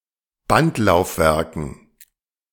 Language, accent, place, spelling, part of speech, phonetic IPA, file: German, Germany, Berlin, Bandlaufwerken, noun, [ˈbantlaʊ̯fˌvɛʁkn̩], De-Bandlaufwerken.ogg
- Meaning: dative plural of Bandlaufwerk